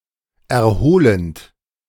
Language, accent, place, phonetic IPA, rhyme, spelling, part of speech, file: German, Germany, Berlin, [ɛɐ̯ˈhoːlənt], -oːlənt, erholend, verb, De-erholend.ogg
- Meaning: present participle of erholen